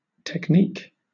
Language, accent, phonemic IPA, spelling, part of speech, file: English, Southern England, /tɛkˈniːk/, technique, noun, LL-Q1860 (eng)-technique.wav
- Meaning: 1. The practical aspects of a given art, occupation etc.; formal requirements 2. Practical ability in some given field or practice, often as opposed to creativity or imaginative skill